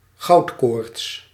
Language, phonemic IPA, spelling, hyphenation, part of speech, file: Dutch, /ˈɣɑu̯tˌkoːrts/, goudkoorts, goud‧koorts, noun, Nl-goudkoorts.ogg
- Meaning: 1. a gold fever, gold rush; obsessional search for gold ore 2. an excessive lust for profit